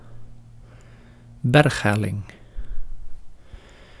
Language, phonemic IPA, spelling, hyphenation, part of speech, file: Dutch, /ˈbɛrxˌɦɛ.lɪŋ/, berghelling, berg‧hel‧ling, noun, Nl-berghelling.ogg
- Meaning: a mountain slope, a mountainous incline